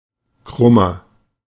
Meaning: 1. comparative degree of krumm 2. inflection of krumm: strong/mixed nominative masculine singular 3. inflection of krumm: strong genitive/dative feminine singular
- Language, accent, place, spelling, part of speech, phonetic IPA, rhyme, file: German, Germany, Berlin, krummer, adjective, [ˈkʁʊmɐ], -ʊmɐ, De-krummer.ogg